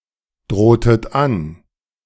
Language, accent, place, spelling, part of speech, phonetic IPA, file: German, Germany, Berlin, drohtet an, verb, [ˌdʁoːtət ˈan], De-drohtet an.ogg
- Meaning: inflection of androhen: 1. second-person plural preterite 2. second-person plural subjunctive II